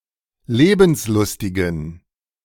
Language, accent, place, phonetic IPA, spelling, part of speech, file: German, Germany, Berlin, [ˈleːbn̩sˌlʊstɪɡn̩], lebenslustigen, adjective, De-lebenslustigen.ogg
- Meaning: inflection of lebenslustig: 1. strong genitive masculine/neuter singular 2. weak/mixed genitive/dative all-gender singular 3. strong/weak/mixed accusative masculine singular 4. strong dative plural